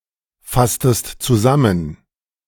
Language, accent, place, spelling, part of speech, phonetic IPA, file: German, Germany, Berlin, fasstest zusammen, verb, [ˌfastəst t͡suˈzamən], De-fasstest zusammen.ogg
- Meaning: inflection of zusammenfassen: 1. second-person singular preterite 2. second-person singular subjunctive II